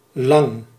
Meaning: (adjective) 1. long 2. tall 3. long (time), lengthy, a long time; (adverb) by far
- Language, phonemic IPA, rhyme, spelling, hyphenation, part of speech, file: Dutch, /lɑŋ/, -ɑŋ, lang, lang, adjective / adverb, Nl-lang.ogg